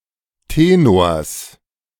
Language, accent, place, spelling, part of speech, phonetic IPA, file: German, Germany, Berlin, Tenors, noun, [ˈteːnoːɐ̯s], De-Tenors.ogg
- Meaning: genitive singular of Tenor